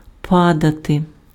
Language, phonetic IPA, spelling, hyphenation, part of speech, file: Ukrainian, [ˈpadɐte], падати, па‧да‧ти, verb, Uk-падати.ogg
- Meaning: 1. to drop 2. to fall 3. to rain